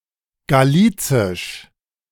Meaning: Galician (of Galicia in Iberia)
- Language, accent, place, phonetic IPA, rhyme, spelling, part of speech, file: German, Germany, Berlin, [ɡaˈliːt͡sɪʃ], -iːt͡sɪʃ, galicisch, adjective, De-galicisch.ogg